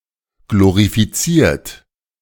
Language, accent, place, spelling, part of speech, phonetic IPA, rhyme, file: German, Germany, Berlin, glorifiziert, verb, [ˌɡloʁifiˈt͡siːɐ̯t], -iːɐ̯t, De-glorifiziert.ogg
- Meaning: 1. past participle of glorifizieren 2. inflection of glorifizieren: third-person singular present 3. inflection of glorifizieren: second-person plural present